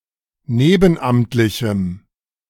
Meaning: strong dative masculine/neuter singular of nebenamtlich
- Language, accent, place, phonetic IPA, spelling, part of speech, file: German, Germany, Berlin, [ˈneːbn̩ˌʔamtlɪçm̩], nebenamtlichem, adjective, De-nebenamtlichem.ogg